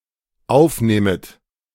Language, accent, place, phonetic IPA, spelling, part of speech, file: German, Germany, Berlin, [ˈaʊ̯fˌneːmət], aufnehmet, verb, De-aufnehmet.ogg
- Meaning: second-person plural dependent subjunctive I of aufnehmen